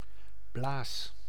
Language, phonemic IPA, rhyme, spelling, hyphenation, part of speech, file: Dutch, /blaːs/, -aːs, blaas, blaas, noun / verb, Nl-blaas.ogg
- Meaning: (noun) bladder; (verb) inflection of blazen: 1. first-person singular present indicative 2. second-person singular present indicative 3. imperative